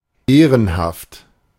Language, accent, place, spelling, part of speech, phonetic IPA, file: German, Germany, Berlin, ehrenhaft, adjective, [ˈeːʁənhaft], De-ehrenhaft.ogg
- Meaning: 1. honourable, respectable 2. reputable